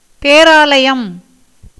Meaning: cathedral
- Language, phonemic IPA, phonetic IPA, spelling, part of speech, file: Tamil, /peːɾɑːlɐjɐm/, [peːɾäːlɐjɐm], பேராலயம், noun, Ta-பேராலயம்.ogg